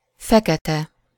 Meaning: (adjective) 1. black (absorbing all light and reflecting practically none) 2. black (pertaining to a dark-skinned ethnic group) 3. black (having a very dark color, especially brown, blue, gray or red)
- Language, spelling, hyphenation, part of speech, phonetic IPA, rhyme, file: Hungarian, fekete, fe‧ke‧te, adjective / noun, [ˈfɛkɛtɛ], -tɛ, Hu-fekete.ogg